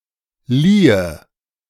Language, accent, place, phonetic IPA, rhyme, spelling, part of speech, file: German, Germany, Berlin, [ˈliːə], -iːə, liehe, verb, De-liehe.ogg
- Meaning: first/third-person singular subjunctive II of leihen